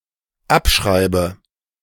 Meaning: inflection of abschreiben: 1. first-person singular dependent present 2. first/third-person singular dependent subjunctive I
- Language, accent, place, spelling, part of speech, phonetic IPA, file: German, Germany, Berlin, abschreibe, verb, [ˈapˌʃʁaɪ̯bə], De-abschreibe.ogg